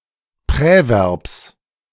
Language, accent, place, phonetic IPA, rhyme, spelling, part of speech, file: German, Germany, Berlin, [ˌpʁɛˈvɛʁps], -ɛʁps, Präverbs, noun, De-Präverbs.ogg
- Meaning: genitive singular of Präverb